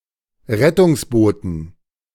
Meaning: dative plural of Rettungsboot
- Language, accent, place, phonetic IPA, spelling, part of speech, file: German, Germany, Berlin, [ˈʁɛtʊŋsˌboːtn̩], Rettungsbooten, noun, De-Rettungsbooten.ogg